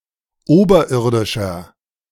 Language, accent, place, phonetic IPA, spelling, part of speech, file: German, Germany, Berlin, [ˈoːbɐˌʔɪʁdɪʃɐ], oberirdischer, adjective, De-oberirdischer.ogg
- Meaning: inflection of oberirdisch: 1. strong/mixed nominative masculine singular 2. strong genitive/dative feminine singular 3. strong genitive plural